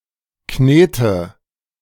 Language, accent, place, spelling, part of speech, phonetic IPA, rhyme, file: German, Germany, Berlin, knete, verb, [ˈkneːtə], -eːtə, De-knete.ogg
- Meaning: inflection of kneten: 1. first-person singular present 2. singular imperative 3. first/third-person singular subjunctive I